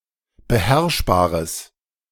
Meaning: strong/mixed nominative/accusative neuter singular of beherrschbar
- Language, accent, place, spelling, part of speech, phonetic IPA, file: German, Germany, Berlin, beherrschbares, adjective, [bəˈhɛʁʃbaːʁəs], De-beherrschbares.ogg